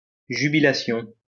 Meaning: jubilation
- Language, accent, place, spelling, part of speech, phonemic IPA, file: French, France, Lyon, jubilation, noun, /ʒy.bi.la.sjɔ̃/, LL-Q150 (fra)-jubilation.wav